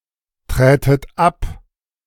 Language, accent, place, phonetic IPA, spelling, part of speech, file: German, Germany, Berlin, [ˌtʁɛːtət ˈap], trätet ab, verb, De-trätet ab.ogg
- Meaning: second-person plural subjunctive II of abtreten